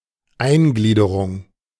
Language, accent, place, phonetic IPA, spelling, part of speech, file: German, Germany, Berlin, [ˈaɪ̯nˌɡliːdəʁʊŋ], Eingliederung, noun, De-Eingliederung.ogg
- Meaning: integration